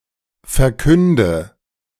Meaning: inflection of verkünden: 1. first-person singular present 2. first/third-person singular subjunctive I 3. singular imperative
- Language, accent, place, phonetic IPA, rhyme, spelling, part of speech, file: German, Germany, Berlin, [fɛɐ̯ˈkʏndə], -ʏndə, verkünde, verb, De-verkünde.ogg